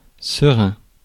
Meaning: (adjective) 1. unclouded, clear 2. serene, calm, tranquil; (noun) serein
- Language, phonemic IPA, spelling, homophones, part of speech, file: French, /sə.ʁɛ̃/, serein, sereins / serin / serins, adjective / noun, Fr-serein.ogg